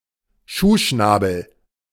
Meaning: shoebill
- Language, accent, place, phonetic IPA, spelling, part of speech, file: German, Germany, Berlin, [ˈʃuːʃnaːbl̩], Schuhschnabel, noun, De-Schuhschnabel.ogg